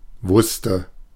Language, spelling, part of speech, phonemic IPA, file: German, wusste, verb, /ˈvʊstə/, De-wusste.oga
- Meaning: first/third-person singular preterite of wissen